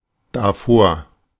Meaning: 1. in front of that/it 2. from that/it 3. before that; beforehand
- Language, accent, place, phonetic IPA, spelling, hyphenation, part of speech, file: German, Germany, Berlin, [daˈfoːɐ̯], davor, da‧vor, adverb, De-davor.ogg